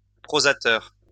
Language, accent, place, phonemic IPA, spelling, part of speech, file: French, France, Lyon, /pʁo.za.tœʁ/, prosateur, noun, LL-Q150 (fra)-prosateur.wav
- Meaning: prosaist (prose writer)